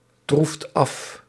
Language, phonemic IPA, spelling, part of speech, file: Dutch, /ˈtruft ˈɑf/, troeft af, verb, Nl-troeft af.ogg
- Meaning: inflection of aftroeven: 1. second/third-person singular present indicative 2. plural imperative